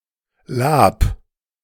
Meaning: rennet
- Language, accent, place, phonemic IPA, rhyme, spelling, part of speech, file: German, Germany, Berlin, /laːp/, -aːp, Lab, noun, De-Lab.ogg